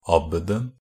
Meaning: definite singular of abbed
- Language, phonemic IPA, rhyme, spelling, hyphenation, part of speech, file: Norwegian Bokmål, /ˈabːədn̩/, -ədn̩, abbeden, ab‧be‧den, noun, NB - Pronunciation of Norwegian Bokmål «abbeden».ogg